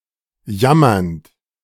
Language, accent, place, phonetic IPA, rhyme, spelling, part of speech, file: German, Germany, Berlin, [ˈjamɐnt], -amɐnt, jammernd, verb, De-jammernd.ogg
- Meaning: present participle of jammern